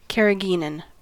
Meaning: A food additive made from a purified extract of red seaweed, commonly used as a thickening agent
- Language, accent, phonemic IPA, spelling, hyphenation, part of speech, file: English, US, /ˌkɛɹəˈɡinən/, carrageenan, car‧ra‧geen‧an, noun, En-us-carrageenan.ogg